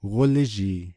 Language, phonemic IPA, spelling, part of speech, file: Navajo, /kólɪ́ʒìː/, gólízhii, noun, Nv-gólízhii.ogg
- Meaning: skunk